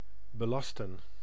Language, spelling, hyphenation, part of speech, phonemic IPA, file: Dutch, belasten, be‧las‧ten, verb, /bəˈlɑstə(n)/, Nl-belasten.ogg
- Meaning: 1. to burden, to encumber 2. to charge (e.g. taxes), to tax or levy 3. to charge, to order, to invest 4. to incriminate, to charge